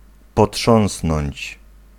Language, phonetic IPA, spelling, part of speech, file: Polish, [pɔˈṭʃɔ̃w̃snɔ̃ɲt͡ɕ], potrząsnąć, verb, Pl-potrząsnąć.ogg